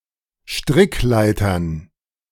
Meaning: plural of Strickleiter
- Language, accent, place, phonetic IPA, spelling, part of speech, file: German, Germany, Berlin, [ˈʃtʁɪkˌlaɪ̯tɐn], Strickleitern, noun, De-Strickleitern.ogg